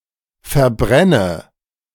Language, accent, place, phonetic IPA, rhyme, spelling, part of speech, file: German, Germany, Berlin, [fɛɐ̯ˈbʁɛnə], -ɛnə, verbrenne, verb, De-verbrenne.ogg
- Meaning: inflection of verbrennen: 1. first-person singular present 2. first/third-person singular subjunctive I 3. singular imperative